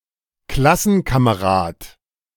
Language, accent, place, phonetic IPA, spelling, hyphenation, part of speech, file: German, Germany, Berlin, [ˈklasn̩kaməˌʁaːt], Klassenkamerad, Klas‧sen‧ka‧me‧rad, noun, De-Klassenkamerad.ogg
- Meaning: classmate